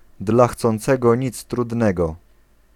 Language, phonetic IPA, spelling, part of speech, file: Polish, [ˌdla‿xt͡sɔ̃nˈt͡sɛɡɔ ˈɲit͡s trudˈnɛɡɔ], dla chcącego nic trudnego, proverb, Pl-dla chcącego nic trudnego.ogg